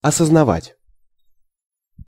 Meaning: to recognize, to fathom, to realize, to be aware
- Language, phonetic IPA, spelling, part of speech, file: Russian, [ɐsəznɐˈvatʲ], осознавать, verb, Ru-осознавать.ogg